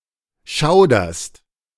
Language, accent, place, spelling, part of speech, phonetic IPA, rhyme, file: German, Germany, Berlin, schauderst, verb, [ˈʃaʊ̯dɐst], -aʊ̯dɐst, De-schauderst.ogg
- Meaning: second-person singular present of schaudern